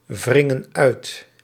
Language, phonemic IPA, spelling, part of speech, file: Dutch, /ˈvrɪŋə(n) ˈœyt/, wringen uit, verb, Nl-wringen uit.ogg
- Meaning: inflection of uitwringen: 1. plural present indicative 2. plural present subjunctive